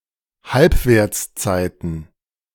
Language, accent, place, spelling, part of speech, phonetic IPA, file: German, Germany, Berlin, Halbwertszeiten, noun, [ˈhalpveːɐ̯t͡sˌt͡saɪ̯tn̩], De-Halbwertszeiten.ogg
- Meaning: plural of Halbwertszeit